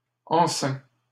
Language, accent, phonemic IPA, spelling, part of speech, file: French, Canada, /ɑ̃.sɛ̃/, enceins, verb, LL-Q150 (fra)-enceins.wav
- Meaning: inflection of enceindre: 1. first/second-person singular present indicative 2. second-person singular imperative